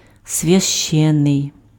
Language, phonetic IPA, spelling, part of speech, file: Ukrainian, [sʲʋʲɐʃˈt͡ʃɛnːei̯], священний, adjective, Uk-священний.ogg
- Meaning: holy, sacred